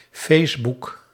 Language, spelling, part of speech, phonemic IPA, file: Dutch, Facebook, proper noun, /feːsbuk/, Nl-Facebook.ogg
- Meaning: Facebook